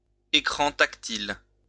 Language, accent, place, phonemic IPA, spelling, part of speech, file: French, France, Lyon, /e.kʁɑ̃ tak.til/, écran tactile, noun, LL-Q150 (fra)-écran tactile.wav
- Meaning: touch screen